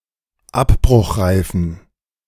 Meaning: inflection of abbruchreif: 1. strong genitive masculine/neuter singular 2. weak/mixed genitive/dative all-gender singular 3. strong/weak/mixed accusative masculine singular 4. strong dative plural
- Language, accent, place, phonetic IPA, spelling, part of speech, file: German, Germany, Berlin, [ˈapbʁʊxˌʁaɪ̯fn̩], abbruchreifen, adjective, De-abbruchreifen.ogg